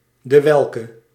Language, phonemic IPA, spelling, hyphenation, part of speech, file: Dutch, /dəˈʋɛl.kə/, dewelke, de‧wel‧ke, pronoun, Nl-dewelke.ogg
- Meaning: which (with masculine or feminine antecedent)